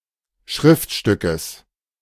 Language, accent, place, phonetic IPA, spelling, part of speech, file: German, Germany, Berlin, [ˈʃʁɪftˌʃtʏkəs], Schriftstückes, noun, De-Schriftstückes.ogg
- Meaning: genitive singular of Schriftstück